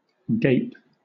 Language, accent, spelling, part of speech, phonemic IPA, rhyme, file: English, Southern England, gape, verb / noun, /ˈɡeɪp/, -eɪp, LL-Q1860 (eng)-gape.wav
- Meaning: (verb) 1. To open the mouth wide, especially involuntarily, as in a yawn, anger, or surprise 2. To stare in wonder 3. To open wide; to display a gap